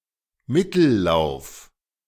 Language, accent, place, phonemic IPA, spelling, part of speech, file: German, Germany, Berlin, /ˈmɪtl̩ˌlaʊ̯f/, Mittellauf, noun, De-Mittellauf.ogg
- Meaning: middle reaches